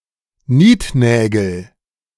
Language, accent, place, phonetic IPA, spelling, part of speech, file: German, Germany, Berlin, [ˈniːtˌnɛːɡl̩], Niednägel, noun, De-Niednägel.ogg
- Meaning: nominative/accusative/genitive plural of Niednagel